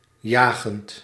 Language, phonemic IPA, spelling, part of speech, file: Dutch, /ˈjaɣənt/, jagend, verb / adjective, Nl-jagend.ogg
- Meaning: present participle of jagen